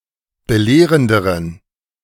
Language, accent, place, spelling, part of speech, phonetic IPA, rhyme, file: German, Germany, Berlin, belehrenderen, adjective, [bəˈleːʁəndəʁən], -eːʁəndəʁən, De-belehrenderen.ogg
- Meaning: inflection of belehrend: 1. strong genitive masculine/neuter singular comparative degree 2. weak/mixed genitive/dative all-gender singular comparative degree